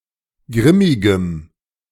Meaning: strong dative masculine/neuter singular of grimmig
- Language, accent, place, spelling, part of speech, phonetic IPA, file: German, Germany, Berlin, grimmigem, adjective, [ˈɡʁɪmɪɡəm], De-grimmigem.ogg